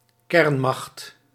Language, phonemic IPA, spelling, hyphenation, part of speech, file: Dutch, /ˈkɛrn.mɑxt/, kernmacht, kern‧macht, noun, Nl-kernmacht.ogg
- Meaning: a nuclear power (political or military entity with nuclear weaponry)